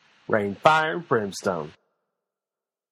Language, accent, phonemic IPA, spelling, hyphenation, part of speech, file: English, US, /ˈɹeɪn ˈfaɪɚ(ə)n ˈbɹɪmˌstoʊn/, rain fire and brimstone, rain fire and brim‧stone, verb, En-us-rain fire and brimstone.flac
- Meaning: To send horror or destruction